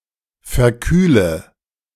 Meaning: inflection of verkühlen: 1. first-person singular present 2. first/third-person singular subjunctive I 3. singular imperative
- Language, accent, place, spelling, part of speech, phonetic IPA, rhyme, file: German, Germany, Berlin, verkühle, verb, [fɛɐ̯ˈkyːlə], -yːlə, De-verkühle.ogg